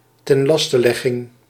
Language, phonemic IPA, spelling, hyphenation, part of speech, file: Dutch, /ˌtɛnˈlɑs.təˌlɛ.ɣɪŋ/, tenlastelegging, ten‧las‧te‧leg‧ging, noun, Nl-tenlastelegging.ogg
- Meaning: indictment, charge against a crime